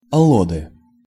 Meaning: nominative/accusative plural of алло́д (allód)
- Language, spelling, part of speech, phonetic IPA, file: Russian, аллоды, noun, [ɐˈɫodɨ], Ru-аллоды.ogg